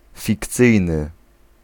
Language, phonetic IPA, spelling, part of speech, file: Polish, [fʲikˈt͡sɨjnɨ], fikcyjny, adjective, Pl-fikcyjny.ogg